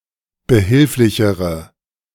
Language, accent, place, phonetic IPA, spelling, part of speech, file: German, Germany, Berlin, [bəˈhɪlflɪçəʁə], behilflichere, adjective, De-behilflichere.ogg
- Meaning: inflection of behilflich: 1. strong/mixed nominative/accusative feminine singular comparative degree 2. strong nominative/accusative plural comparative degree